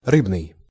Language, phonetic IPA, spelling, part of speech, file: Russian, [ˈrɨbnɨj], рыбный, adjective, Ru-рыбный.ogg
- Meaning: 1. fish 2. fish-filled, fishful (abounding in fish, full of fish)